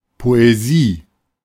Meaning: 1. poetry 2. poem 3. poetic mood
- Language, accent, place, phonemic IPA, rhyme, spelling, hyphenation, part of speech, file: German, Germany, Berlin, /ˌpoeˈzi/, -iː, Poesie, Po‧e‧sie, noun, De-Poesie.ogg